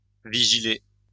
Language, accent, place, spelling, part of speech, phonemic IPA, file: French, France, Lyon, vigiler, verb, /vi.ʒi.le/, LL-Q150 (fra)-vigiler.wav
- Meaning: to maintain a vigil